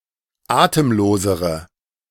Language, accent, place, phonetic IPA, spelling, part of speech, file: German, Germany, Berlin, [ˈaːtəmˌloːzəʁə], atemlosere, adjective, De-atemlosere.ogg
- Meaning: inflection of atemlos: 1. strong/mixed nominative/accusative feminine singular comparative degree 2. strong nominative/accusative plural comparative degree